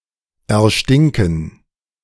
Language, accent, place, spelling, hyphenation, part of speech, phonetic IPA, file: German, Germany, Berlin, erstinken, er‧stin‧ken, verb, [ɛɐ̯ˈʃtɪŋkn̩], De-erstinken.ogg
- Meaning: to become stinky